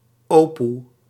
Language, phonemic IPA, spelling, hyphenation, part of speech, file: Dutch, /ˈoː.pu/, opoe, opoe, noun, Nl-opoe.ogg
- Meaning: 1. granny, grandmother 2. old woman